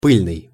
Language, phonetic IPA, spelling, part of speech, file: Russian, [ˈpɨlʲnɨj], пыльный, adjective, Ru-пыльный.ogg
- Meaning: dusty